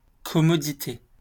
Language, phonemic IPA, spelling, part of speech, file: French, /kɔ.mɔ.di.te/, commodité, noun, LL-Q150 (fra)-commodité.wav
- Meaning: 1. commodity, amenity 2. toilet